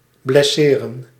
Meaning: to injure
- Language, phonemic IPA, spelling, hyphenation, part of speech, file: Dutch, /blɛˈseːrə(n)/, blesseren, bles‧se‧ren, verb, Nl-blesseren.ogg